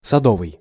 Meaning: garden; cultivated
- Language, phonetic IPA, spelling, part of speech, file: Russian, [sɐˈdovɨj], садовый, adjective, Ru-садовый.ogg